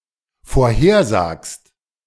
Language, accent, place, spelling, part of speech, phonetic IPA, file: German, Germany, Berlin, vorhersagst, verb, [foːɐ̯ˈheːɐ̯ˌzaːkst], De-vorhersagst.ogg
- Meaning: second-person singular dependent present of vorhersagen